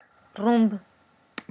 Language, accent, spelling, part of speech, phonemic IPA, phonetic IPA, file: Armenian, Eastern Armenian, ռումբ, noun, /rumb/, [rumb], Rumb.ogg
- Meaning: bomb